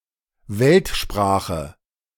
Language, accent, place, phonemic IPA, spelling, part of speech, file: German, Germany, Berlin, /ˈvɛltˌʃpʁaːχə/, Weltsprache, noun, De-Weltsprache.ogg
- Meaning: 1. global language 2. universal language